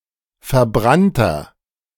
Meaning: inflection of verbrannt: 1. strong/mixed nominative masculine singular 2. strong genitive/dative feminine singular 3. strong genitive plural
- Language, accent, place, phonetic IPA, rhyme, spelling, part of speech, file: German, Germany, Berlin, [fɛɐ̯ˈbʁantɐ], -antɐ, verbrannter, adjective, De-verbrannter.ogg